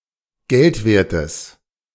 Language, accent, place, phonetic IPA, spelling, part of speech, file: German, Germany, Berlin, [ˈɡɛltˌveːɐ̯təs], geldwertes, adjective, De-geldwertes.ogg
- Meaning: strong/mixed nominative/accusative neuter singular of geldwert